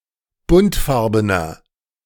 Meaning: inflection of buntfarben: 1. strong/mixed nominative masculine singular 2. strong genitive/dative feminine singular 3. strong genitive plural
- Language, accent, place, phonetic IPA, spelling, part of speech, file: German, Germany, Berlin, [ˈbʊntˌfaʁbənɐ], buntfarbener, adjective, De-buntfarbener.ogg